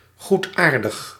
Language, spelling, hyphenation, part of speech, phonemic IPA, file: Dutch, goedaardig, goed‧aar‧dig, adjective, /ˈɣutˌaːr.dəx/, Nl-goedaardig.ogg
- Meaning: 1. benign, not malignant 2. benign, good-natured 3. minor, unimportant